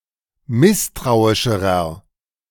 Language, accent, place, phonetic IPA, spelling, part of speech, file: German, Germany, Berlin, [ˈmɪstʁaʊ̯ɪʃəʁɐ], misstrauischerer, adjective, De-misstrauischerer.ogg
- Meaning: inflection of misstrauisch: 1. strong/mixed nominative masculine singular comparative degree 2. strong genitive/dative feminine singular comparative degree 3. strong genitive plural comparative degree